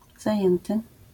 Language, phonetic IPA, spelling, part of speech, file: Polish, [zaˈjɛ̃ntɨ], zajęty, verb / adjective, LL-Q809 (pol)-zajęty.wav